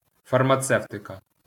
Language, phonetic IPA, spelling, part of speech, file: Ukrainian, [fɐrmɐˈt͡sɛu̯tekɐ], фармацевтика, noun, LL-Q8798 (ukr)-фармацевтика.wav
- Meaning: pharmaceutics